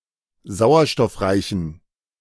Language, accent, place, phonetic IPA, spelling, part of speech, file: German, Germany, Berlin, [ˈzaʊ̯ɐʃtɔfˌʁaɪ̯çn̩], sauerstoffreichen, adjective, De-sauerstoffreichen.ogg
- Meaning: inflection of sauerstoffreich: 1. strong genitive masculine/neuter singular 2. weak/mixed genitive/dative all-gender singular 3. strong/weak/mixed accusative masculine singular 4. strong dative plural